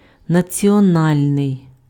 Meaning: national
- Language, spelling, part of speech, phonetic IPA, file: Ukrainian, національний, adjective, [nɐt͡sʲiɔˈnalʲnei̯], Uk-національний.ogg